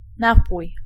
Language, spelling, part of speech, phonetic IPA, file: Polish, napój, noun / verb, [ˈnapuj], Pl-napój.ogg